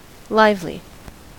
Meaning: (adjective) 1. Full of life; energetic, vivacious 2. Bright, glowing, vivid; strong, vigorous 3. Endowed with or manifesting life; living 4. Representing life; lifelike 5. Airy; animated; spirited
- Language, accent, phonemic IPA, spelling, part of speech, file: English, General American, /ˈlaɪv.li/, lively, adjective / noun / adverb, En-us-lively.ogg